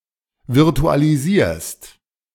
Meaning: second-person singular present of virtualisieren
- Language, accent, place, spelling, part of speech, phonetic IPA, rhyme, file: German, Germany, Berlin, virtualisierst, verb, [vɪʁtualiˈziːɐ̯st], -iːɐ̯st, De-virtualisierst.ogg